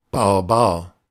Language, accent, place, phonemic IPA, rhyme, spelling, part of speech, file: German, Germany, Berlin, /baʁˈbaːɐ̯/, -aːɐ̯, Barbar, noun, De-Barbar.ogg
- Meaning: barbarian